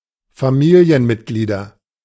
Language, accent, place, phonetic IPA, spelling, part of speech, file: German, Germany, Berlin, [faˈmiːli̯ənˌmɪtɡliːdɐ], Familienmitglieder, noun, De-Familienmitglieder.ogg
- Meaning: nominative/accusative/genitive plural of Familienmitglied